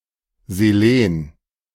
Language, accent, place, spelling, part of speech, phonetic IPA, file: German, Germany, Berlin, Selen, noun, [zeˈleːn], De-Selen.ogg
- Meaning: selenium